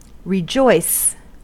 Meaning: 1. To be very happy, be delighted, exult; to feel joy 2. To have (someone) as a lover or spouse; to enjoy sexually 3. To make happy, exhilarate 4. To enjoy
- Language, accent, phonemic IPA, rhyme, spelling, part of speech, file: English, US, /ɹɪˈd͡ʒɔɪs/, -ɔɪs, rejoice, verb, En-us-rejoice.ogg